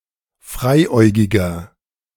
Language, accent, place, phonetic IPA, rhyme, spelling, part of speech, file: German, Germany, Berlin, [ˈfʁaɪ̯ˌʔɔɪ̯ɡɪɡɐ], -aɪ̯ʔɔɪ̯ɡɪɡɐ, freiäugiger, adjective, De-freiäugiger.ogg
- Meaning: inflection of freiäugig: 1. strong/mixed nominative masculine singular 2. strong genitive/dative feminine singular 3. strong genitive plural